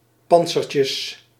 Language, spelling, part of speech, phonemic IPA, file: Dutch, pantsertjes, noun, /ˈpɑntsərcəs/, Nl-pantsertjes.ogg
- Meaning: plural of pantsertje